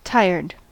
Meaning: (verb) simple past and past participle of tire; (adjective) 1. In need of some rest or sleep 2. Fed up, annoyed, irritated, sick of 3. Overused, cliché 4. Old and worn
- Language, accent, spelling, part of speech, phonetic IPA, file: English, US, tired, verb / adjective, [ˈtaɪ̯ɚd], En-us-tired.ogg